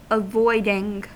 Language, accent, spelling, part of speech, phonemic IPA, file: English, US, avoiding, verb / noun, /əˈvɔɪdɪŋ/, En-us-avoiding.ogg
- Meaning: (verb) present participle and gerund of avoid; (noun) Avoidance